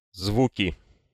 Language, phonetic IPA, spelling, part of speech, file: Russian, [ˈzvukʲɪ], звуки, noun, Ru-звуки.ogg
- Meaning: nominative/accusative plural of звук (zvuk)